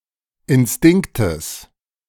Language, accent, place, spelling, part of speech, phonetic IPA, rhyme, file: German, Germany, Berlin, Instinktes, noun, [ɪnˈstɪŋktəs], -ɪŋktəs, De-Instinktes.ogg
- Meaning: genitive singular of Instinkt